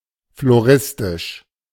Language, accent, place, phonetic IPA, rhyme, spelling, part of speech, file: German, Germany, Berlin, [floˈʁɪstɪʃ], -ɪstɪʃ, floristisch, adjective, De-floristisch.ogg
- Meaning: floristic